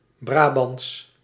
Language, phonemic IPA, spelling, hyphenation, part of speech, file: Dutch, /ˈbraː.bɑnts/, Brabants, Bra‧bants, adjective / proper noun, Nl-Brabants.ogg
- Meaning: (adjective) Brabantian; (proper noun) Brabantian (language/dialect)